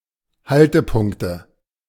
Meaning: nominative/accusative/genitive plural of Haltepunkt
- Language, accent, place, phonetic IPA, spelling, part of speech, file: German, Germany, Berlin, [ˈhaltəˌpʊŋktə], Haltepunkte, noun, De-Haltepunkte.ogg